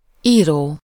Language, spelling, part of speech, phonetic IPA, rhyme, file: Hungarian, író, verb / noun, [ˈiːroː], -roː, Hu-író.ogg
- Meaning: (verb) present participle of ír: writing; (noun) 1. writer 2. buttermilk